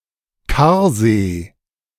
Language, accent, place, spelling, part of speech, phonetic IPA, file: German, Germany, Berlin, Karsee, noun, [ˈkaːɐ̯ˌzeː], De-Karsee.ogg
- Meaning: tarn, cirque lake